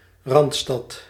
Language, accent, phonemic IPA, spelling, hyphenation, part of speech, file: Dutch, Netherlands, /ˈrɑntstɑt/, Randstad, Rand‧stad, proper noun, Nl-Randstad.ogg
- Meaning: Randstad (a region and conurbation in the Netherlands)